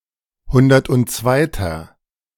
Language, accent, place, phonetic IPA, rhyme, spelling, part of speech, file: German, Germany, Berlin, [ˈhʊndɐtʔʊntˈt͡svaɪ̯tɐ], -aɪ̯tɐ, hundertundzweiter, adjective, De-hundertundzweiter.ogg
- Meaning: inflection of hundertundzweite: 1. strong/mixed nominative masculine singular 2. strong genitive/dative feminine singular 3. strong genitive plural